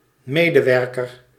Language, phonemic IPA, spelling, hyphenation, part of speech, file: Dutch, /ˈmeː.dəˌʋɛr.kər/, medewerker, me‧de‧wer‧ker, noun, Nl-medewerker.ogg
- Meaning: employee